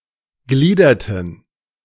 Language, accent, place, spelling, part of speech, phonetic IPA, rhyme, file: German, Germany, Berlin, gliederten, verb, [ˈɡliːdɐtn̩], -iːdɐtn̩, De-gliederten.ogg
- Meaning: inflection of gliedern: 1. first/third-person plural preterite 2. first/third-person plural subjunctive II